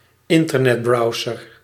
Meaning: a browser
- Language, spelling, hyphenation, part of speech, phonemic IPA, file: Dutch, internetbrowser, in‧ter‧net‧brow‧ser, noun, /ˈɪn.tər.nɛtˌbrɑu̯.zər/, Nl-internetbrowser.ogg